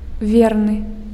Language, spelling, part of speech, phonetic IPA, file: Belarusian, верны, adjective, [ˈvʲernɨ], Be-верны.ogg
- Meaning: faithful